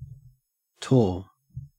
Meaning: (noun) 1. A craggy outcrop of rock on the summit of a hill, created by the erosion and weathering of rock 2. A hill with such rock formation
- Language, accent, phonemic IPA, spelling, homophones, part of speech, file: English, Australia, /toː/, tor, torr, noun / adjective, En-au-tor.ogg